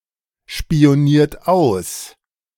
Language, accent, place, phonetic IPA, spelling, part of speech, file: German, Germany, Berlin, [ʃpi̯oˌniːɐ̯t ˈaʊ̯s], spioniert aus, verb, De-spioniert aus.ogg
- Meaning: inflection of ausspionieren: 1. second-person plural present 2. third-person singular present 3. plural imperative